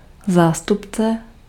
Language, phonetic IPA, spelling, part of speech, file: Czech, [ˈzaːstupt͡sɛ], zástupce, noun, Cs-zástupce.ogg
- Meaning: 1. proxy 2. representative, delegate